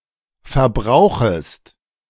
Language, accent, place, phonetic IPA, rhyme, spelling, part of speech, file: German, Germany, Berlin, [fɛɐ̯ˈbʁaʊ̯xəst], -aʊ̯xəst, verbrauchest, verb, De-verbrauchest.ogg
- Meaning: second-person singular subjunctive I of verbrauchen